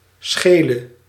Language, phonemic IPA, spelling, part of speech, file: Dutch, /ˈsxelə/, schele, noun / adjective / verb, Nl-schele.ogg
- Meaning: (adjective) inflection of scheel: 1. masculine/feminine singular attributive 2. definite neuter singular attributive 3. plural attributive; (verb) singular present subjunctive of schelen